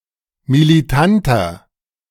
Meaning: 1. comparative degree of militant 2. inflection of militant: strong/mixed nominative masculine singular 3. inflection of militant: strong genitive/dative feminine singular
- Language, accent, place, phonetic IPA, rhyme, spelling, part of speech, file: German, Germany, Berlin, [miliˈtantɐ], -antɐ, militanter, adjective, De-militanter.ogg